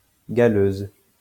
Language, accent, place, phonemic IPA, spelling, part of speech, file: French, France, Lyon, /ɡa.løz/, galeuse, adjective, LL-Q150 (fra)-galeuse.wav
- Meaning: feminine singular of galeux